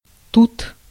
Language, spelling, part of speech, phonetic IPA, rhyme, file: Russian, тут, adverb / noun, [tut], -ut, Ru-тут.ogg
- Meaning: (adverb) 1. here 2. then, at this point; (noun) 1. mulberry (fruit or tree) 2. genitive plural of ту́та (túta)